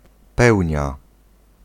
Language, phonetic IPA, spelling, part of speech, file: Polish, [ˈpɛwʲɲa], pełnia, noun, Pl-pełnia.ogg